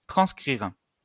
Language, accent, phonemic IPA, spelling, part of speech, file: French, France, /tʁɑ̃s.kʁiʁ/, transcrire, verb, LL-Q150 (fra)-transcrire.wav
- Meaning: to transcribe (all senses)